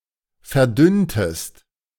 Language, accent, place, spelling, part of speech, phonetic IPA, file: German, Germany, Berlin, verdünntest, verb, [fɛɐ̯ˈdʏntəst], De-verdünntest.ogg
- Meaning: inflection of verdünnen: 1. second-person singular preterite 2. second-person singular subjunctive II